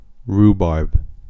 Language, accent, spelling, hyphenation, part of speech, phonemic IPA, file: English, US, rhubarb, rhu‧barb, noun / adjective / verb, /ˈɹuˌbɑɹb/, En-us-rhubarb.ogg